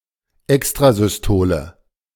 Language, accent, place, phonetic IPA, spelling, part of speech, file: German, Germany, Berlin, [ˈɛkstʁazʏsˌtoːlə], Extrasystole, noun, De-Extrasystole.ogg
- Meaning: extrasystole